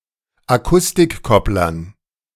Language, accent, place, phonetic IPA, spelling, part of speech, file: German, Germany, Berlin, [aˈkʊstɪkˌkɔplɐn], Akustikkopplern, noun, De-Akustikkopplern.ogg
- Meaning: dative plural of Akustikkoppler